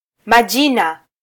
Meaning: plural of jina
- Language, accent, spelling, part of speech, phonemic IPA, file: Swahili, Kenya, majina, noun, /mɑˈʄi.nɑ/, Sw-ke-majina.flac